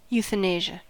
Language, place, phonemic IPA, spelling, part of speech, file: English, California, /ˌjuθəˈneɪʒə/, euthanasia, noun, En-us-euthanasia.ogg
- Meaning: The practice of intentionally killing a human being or animal in a humane way, especially in order to end suffering